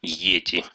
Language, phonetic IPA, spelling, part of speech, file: Russian, [ˈjetʲɪ], йети, noun, Ru-йе́ти.ogg
- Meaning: yeti